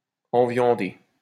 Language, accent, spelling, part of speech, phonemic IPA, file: French, France, enviander, verb, /ɑ̃.vjɑ̃.de/, LL-Q150 (fra)-enviander.wav
- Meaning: 1. to feed meat 2. to bugger, to fuck up the ass 3. to screw over, to fuck up (to dupe, to swindle)